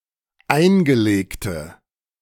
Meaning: Inflected form of eingelegt
- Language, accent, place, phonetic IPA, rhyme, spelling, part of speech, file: German, Germany, Berlin, [ˈaɪ̯nɡəˌleːktə], -aɪ̯nɡəleːktə, eingelegte, adjective, De-eingelegte.ogg